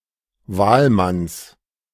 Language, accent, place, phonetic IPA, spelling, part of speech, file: German, Germany, Berlin, [ˈvaːlˌmans], Wahlmanns, noun, De-Wahlmanns.ogg
- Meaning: genitive singular of Wahlmann